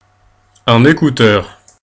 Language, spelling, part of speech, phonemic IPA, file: French, écouteur, noun, /e.ku.tœʁ/, Fr-écouteur.ogg
- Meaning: 1. listener (one who listens) 2. earpiece, earphone 3. headphones, headset